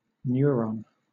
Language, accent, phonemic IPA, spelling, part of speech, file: English, Southern England, /ˈnjʊəɹɒn/, neuron, noun, LL-Q1860 (eng)-neuron.wav
- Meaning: 1. A cell of the nervous system, which conducts nerve impulses; consisting of an axon and several dendrites. Neurons are connected by synapses 2. A nervure of an insect's wing